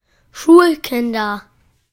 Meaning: nominative/accusative/genitive plural of Schulkind
- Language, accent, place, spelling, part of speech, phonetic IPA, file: German, Germany, Berlin, Schulkinder, noun, [ˈʃuːlˌkɪndɐ], De-Schulkinder.ogg